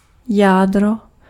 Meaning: 1. kernel 2. nucleus 3. core (one of severals parts in a computer processor)
- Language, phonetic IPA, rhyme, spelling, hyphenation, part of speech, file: Czech, [ˈjaːdro], -aːdro, jádro, já‧d‧ro, noun, Cs-jádro.ogg